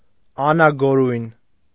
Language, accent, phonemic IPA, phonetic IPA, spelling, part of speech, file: Armenian, Eastern Armenian, /ɑnɑɡoˈɾujn/, [ɑnɑɡoɾújn], անագորույն, adjective, Hy-անագորույն.ogg
- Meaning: cruel, merciless